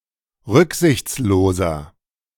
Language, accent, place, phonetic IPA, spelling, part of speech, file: German, Germany, Berlin, [ˈʁʏkzɪçt͡sloːzɐ], rücksichtsloser, adjective, De-rücksichtsloser.ogg
- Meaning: 1. comparative degree of rücksichtslos 2. inflection of rücksichtslos: strong/mixed nominative masculine singular 3. inflection of rücksichtslos: strong genitive/dative feminine singular